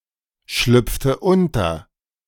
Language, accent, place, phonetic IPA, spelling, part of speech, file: German, Germany, Berlin, [ˌʃlʏp͡ftə ˈʊntɐ], schlüpfte unter, verb, De-schlüpfte unter.ogg
- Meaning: inflection of unterschlüpfen: 1. first/third-person singular preterite 2. first/third-person singular subjunctive II